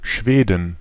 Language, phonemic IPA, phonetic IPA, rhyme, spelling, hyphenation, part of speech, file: German, /ˈʃveːdən/, [ˈʃveːdn̩], -eːdən, Schweden, Schwe‧den, proper noun / noun, De-Schweden.ogg
- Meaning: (proper noun) Sweden (a country in Scandinavia in Northern Europe); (noun) plural of Schwede